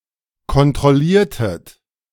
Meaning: inflection of kontrollieren: 1. second-person plural preterite 2. second-person plural subjunctive II
- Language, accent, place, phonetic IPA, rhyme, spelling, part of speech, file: German, Germany, Berlin, [kɔntʁɔˈliːɐ̯tət], -iːɐ̯tət, kontrolliertet, verb, De-kontrolliertet.ogg